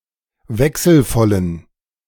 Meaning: inflection of wechselvoll: 1. strong genitive masculine/neuter singular 2. weak/mixed genitive/dative all-gender singular 3. strong/weak/mixed accusative masculine singular 4. strong dative plural
- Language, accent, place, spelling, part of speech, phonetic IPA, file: German, Germany, Berlin, wechselvollen, adjective, [ˈvɛksl̩ˌfɔlən], De-wechselvollen.ogg